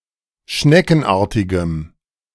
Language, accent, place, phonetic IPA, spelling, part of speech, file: German, Germany, Berlin, [ˈʃnɛkn̩ˌʔaːɐ̯tɪɡəm], schneckenartigem, adjective, De-schneckenartigem.ogg
- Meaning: strong dative masculine/neuter singular of schneckenartig